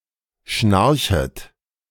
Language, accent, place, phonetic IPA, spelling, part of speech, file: German, Germany, Berlin, [ˈʃnaʁçət], schnarchet, verb, De-schnarchet.ogg
- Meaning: second-person plural subjunctive I of schnarchen